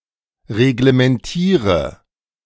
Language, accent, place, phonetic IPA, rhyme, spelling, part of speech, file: German, Germany, Berlin, [ʁeɡləmɛnˈtiːʁə], -iːʁə, reglementiere, verb, De-reglementiere.ogg
- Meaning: inflection of reglementieren: 1. first-person singular present 2. first/third-person singular subjunctive I 3. singular imperative